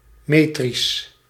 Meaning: metric, metrical
- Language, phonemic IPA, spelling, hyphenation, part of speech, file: Dutch, /ˈmeː.tris/, metrisch, me‧trisch, adjective, Nl-metrisch.ogg